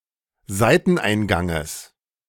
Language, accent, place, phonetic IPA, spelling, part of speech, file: German, Germany, Berlin, [ˈzaɪ̯tn̩ˌʔaɪ̯nɡaŋəs], Seiteneinganges, noun, De-Seiteneinganges.ogg
- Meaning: genitive of Seiteneingang